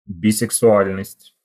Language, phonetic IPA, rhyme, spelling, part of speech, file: Russian, [bʲɪsɨksʊˈalʲnəsʲtʲ], -alʲnəsʲtʲ, бисексуальность, noun, Ru-бисексуальность.ogg
- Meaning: bisexuality